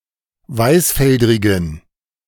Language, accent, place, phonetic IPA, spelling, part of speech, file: German, Germany, Berlin, [ˈvaɪ̯sˌfɛldʁɪɡn̩], weißfeldrigen, adjective, De-weißfeldrigen.ogg
- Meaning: inflection of weißfeldrig: 1. strong genitive masculine/neuter singular 2. weak/mixed genitive/dative all-gender singular 3. strong/weak/mixed accusative masculine singular 4. strong dative plural